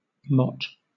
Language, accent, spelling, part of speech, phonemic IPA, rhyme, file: English, Southern England, mot, noun, /mɒt/, -ɒt, LL-Q1860 (eng)-mot.wav
- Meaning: 1. A woman; a wife 2. A prostitute 3. A landlady